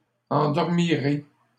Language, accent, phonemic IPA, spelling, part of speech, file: French, Canada, /ɑ̃.dɔʁ.mi.ʁe/, endormirez, verb, LL-Q150 (fra)-endormirez.wav
- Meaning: second-person plural future of endormir